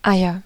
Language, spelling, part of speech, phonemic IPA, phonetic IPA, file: German, Eier, noun, /ˈaɪ̯ər/, [ˈʔaɪ̯ɐ], De-Eier.ogg
- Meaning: nominative/accusative/genitive plural of Ei